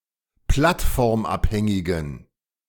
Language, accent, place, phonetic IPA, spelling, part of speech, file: German, Germany, Berlin, [ˈplatfɔʁmˌʔaphɛŋɪɡn̩], plattformabhängigen, adjective, De-plattformabhängigen.ogg
- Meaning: inflection of plattformabhängig: 1. strong genitive masculine/neuter singular 2. weak/mixed genitive/dative all-gender singular 3. strong/weak/mixed accusative masculine singular